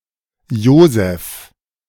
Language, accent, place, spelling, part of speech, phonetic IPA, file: German, Germany, Berlin, Joseph, proper noun, [ˈjoːzɛf], De-Joseph.ogg
- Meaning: alternative spelling of Josef